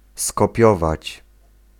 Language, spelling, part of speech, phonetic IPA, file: Polish, skopiować, verb, [skɔˈpʲjɔvat͡ɕ], Pl-skopiować.ogg